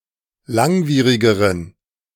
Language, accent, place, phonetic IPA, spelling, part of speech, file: German, Germany, Berlin, [ˈlaŋˌviːʁɪɡəʁən], langwierigeren, adjective, De-langwierigeren.ogg
- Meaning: inflection of langwierig: 1. strong genitive masculine/neuter singular comparative degree 2. weak/mixed genitive/dative all-gender singular comparative degree